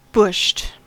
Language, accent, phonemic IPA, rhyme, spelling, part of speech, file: English, US, /bʊʃt/, -ʊʃt, bushed, adjective, En-us-bushed.ogg
- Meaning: 1. Very tired; exhausted 2. Mentally unwell due to isolation, especially due to working in a remote mine or camp; experiencing cabin fever 3. Incorporating a bush, a mechanical part